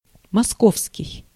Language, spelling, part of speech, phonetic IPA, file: Russian, московский, adjective, [mɐˈskofskʲɪj], Ru-московский.ogg
- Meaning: 1. Moscow 2. Muscovy